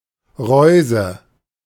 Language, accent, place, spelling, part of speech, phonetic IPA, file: German, Germany, Berlin, Reuse, noun, [ˈʁɔʏ̯zə], De-Reuse.ogg
- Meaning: fish trap